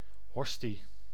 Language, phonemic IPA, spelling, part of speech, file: Dutch, /ˈɦɔsti/, hostie, noun, Nl-hostie.ogg
- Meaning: host (consecrated bread / wafer)